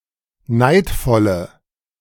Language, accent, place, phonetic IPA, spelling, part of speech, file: German, Germany, Berlin, [ˈnaɪ̯tfɔlə], neidvolle, adjective, De-neidvolle.ogg
- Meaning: inflection of neidvoll: 1. strong/mixed nominative/accusative feminine singular 2. strong nominative/accusative plural 3. weak nominative all-gender singular